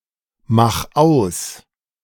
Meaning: 1. singular imperative of ausmachen 2. first-person singular present of ausmachen
- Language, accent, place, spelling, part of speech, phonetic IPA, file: German, Germany, Berlin, mach aus, verb, [ˌmax ˈaʊ̯s], De-mach aus.ogg